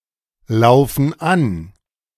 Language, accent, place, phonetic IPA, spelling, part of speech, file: German, Germany, Berlin, [ˌlaʊ̯fn̩ ˈan], laufen an, verb, De-laufen an.ogg
- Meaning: inflection of anlaufen: 1. first/third-person plural present 2. first/third-person plural subjunctive I